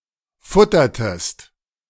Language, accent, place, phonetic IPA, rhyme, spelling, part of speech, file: German, Germany, Berlin, [ˈfʊtɐtəst], -ʊtɐtəst, futtertest, verb, De-futtertest.ogg
- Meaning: inflection of futtern: 1. second-person singular preterite 2. second-person singular subjunctive II